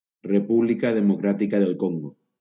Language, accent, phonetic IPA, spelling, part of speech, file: Catalan, Valencia, [reˈpu.bli.ka ðe.moˈkɾa.ti.ka ðel ˈkoŋ.ɡo], República Democràtica del Congo, proper noun, LL-Q7026 (cat)-República Democràtica del Congo.wav
- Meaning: Democratic Republic of the Congo (a country in Central Africa, the larger of the two countries named Congo)